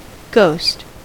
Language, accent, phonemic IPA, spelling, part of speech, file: English, US, /ɡoʊst/, ghost, noun / adjective / verb, En-us-ghost.ogg
- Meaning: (noun) 1. A disembodied soul; a soul or spirit of a deceased person; a spirit appearing after death 2. A spirit; a human soul 3. Any faint shadowy semblance; an unsubstantial image